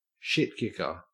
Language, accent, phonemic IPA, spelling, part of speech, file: English, Australia, /ˈʃɪtˌkɪkə(ɹ)/, shitkicker, noun, En-au-shitkicker.ogg
- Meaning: 1. A workboot 2. A poor, rural person, especially from the southern United States 3. Something unusually unpleasant or difficult 4. A crude, violent and/or uncivilized person; a barbarian; a heathen